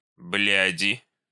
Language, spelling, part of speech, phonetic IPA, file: Russian, бляди, noun, [ˈblʲædʲɪ], Ru-бляди.ogg
- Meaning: inflection of блядь (bljadʹ): 1. genitive/dative/prepositional singular 2. nominative plural